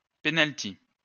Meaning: penalty, penalty kick
- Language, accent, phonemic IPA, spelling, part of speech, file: French, France, /pe.nal.ti/, penalty, noun, LL-Q150 (fra)-penalty.wav